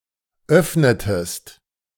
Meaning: inflection of öffnen: 1. second-person singular preterite 2. second-person singular subjunctive II
- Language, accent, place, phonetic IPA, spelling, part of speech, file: German, Germany, Berlin, [ˈœfnətəst], öffnetest, verb, De-öffnetest.ogg